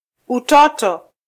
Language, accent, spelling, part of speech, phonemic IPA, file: Swahili, Kenya, utoto, noun, /uˈtɔ.tɔ/, Sw-ke-utoto.flac
- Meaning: childhood